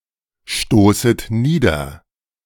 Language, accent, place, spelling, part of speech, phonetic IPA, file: German, Germany, Berlin, stoßet nieder, verb, [ˌʃtoːsət ˈniːdɐ], De-stoßet nieder.ogg
- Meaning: second-person plural subjunctive I of niederstoßen